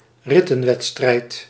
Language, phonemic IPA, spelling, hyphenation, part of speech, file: Dutch, /ˈrɪ.tə(n)ˌʋɛt.strɛi̯t/, rittenwedstrijd, rit‧ten‧wed‧strijd, noun, Nl-rittenwedstrijd.ogg
- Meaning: stage race